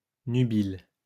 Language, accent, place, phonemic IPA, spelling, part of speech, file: French, France, Lyon, /ny.bil/, nubile, adjective, LL-Q150 (fra)-nubile.wav
- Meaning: nubile